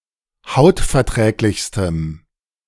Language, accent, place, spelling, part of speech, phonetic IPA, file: German, Germany, Berlin, hautverträglichstem, adjective, [ˈhaʊ̯tfɛɐ̯ˌtʁɛːklɪçstəm], De-hautverträglichstem.ogg
- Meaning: strong dative masculine/neuter singular superlative degree of hautverträglich